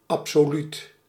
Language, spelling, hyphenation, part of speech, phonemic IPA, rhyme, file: Dutch, absoluut, ab‧so‧luut, adjective, /ˌɑp.soːˈlyt/, -yt, Nl-absoluut.ogg
- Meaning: 1. absolute, complete, perfect 2. absolute, absolutist, absolutistic (pertaining to the absolute sovereignty of rulers)